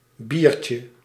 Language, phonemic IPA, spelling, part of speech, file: Dutch, /ˈbircə/, biertje, noun, Nl-biertje.ogg
- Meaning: diminutive of bier